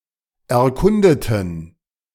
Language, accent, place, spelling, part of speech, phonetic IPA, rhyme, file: German, Germany, Berlin, erkundeten, adjective / verb, [ɛɐ̯ˈkʊndətn̩], -ʊndətn̩, De-erkundeten.ogg
- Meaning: inflection of erkunden: 1. first/third-person plural preterite 2. first/third-person plural subjunctive II